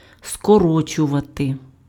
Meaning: 1. to abbreviate, to abridge, to shorten 2. to contract (:muscle, etc.)
- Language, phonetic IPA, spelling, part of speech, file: Ukrainian, [skɔˈrɔt͡ʃʊʋɐte], скорочувати, verb, Uk-скорочувати.ogg